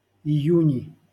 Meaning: nominative/accusative plural of ию́нь (ijúnʹ)
- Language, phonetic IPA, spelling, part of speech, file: Russian, [ɪˈjʉnʲɪ], июни, noun, LL-Q7737 (rus)-июни.wav